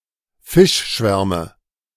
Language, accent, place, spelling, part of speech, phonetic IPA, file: German, Germany, Berlin, Fischschwärmen, noun, [ˈfɪʃˌʃvɛʁmən], De-Fischschwärmen.ogg
- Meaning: dative plural of Fischschwarm